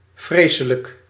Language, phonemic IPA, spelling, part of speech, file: Dutch, /ˈvresələk/, vreselijk, adjective / adverb, Nl-vreselijk.ogg
- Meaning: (adjective) terrible; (adverb) terribly